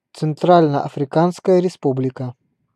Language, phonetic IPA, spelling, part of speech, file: Russian, [t͡sɨnˈtralʲnə ɐfrʲɪˈkanskəjə rʲɪˈspublʲɪkə], Центрально-Африканская Республика, proper noun, Ru-Центрально-Африканская Республика.ogg
- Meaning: Central African Republic (a country in Central Africa)